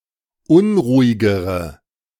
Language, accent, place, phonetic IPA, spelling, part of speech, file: German, Germany, Berlin, [ˈʊnʁuːɪɡəʁə], unruhigere, adjective, De-unruhigere.ogg
- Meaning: inflection of unruhig: 1. strong/mixed nominative/accusative feminine singular comparative degree 2. strong nominative/accusative plural comparative degree